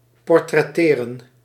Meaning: to draw, paint or photograph a portrait of, to portray
- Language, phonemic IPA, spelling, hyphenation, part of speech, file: Dutch, /ˌpɔr.trɛˈteː.rə(n)/, portretteren, por‧tret‧te‧ren, verb, Nl-portretteren.ogg